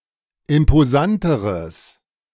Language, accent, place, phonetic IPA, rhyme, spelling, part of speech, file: German, Germany, Berlin, [ɪmpoˈzantəʁəs], -antəʁəs, imposanteres, adjective, De-imposanteres.ogg
- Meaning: strong/mixed nominative/accusative neuter singular comparative degree of imposant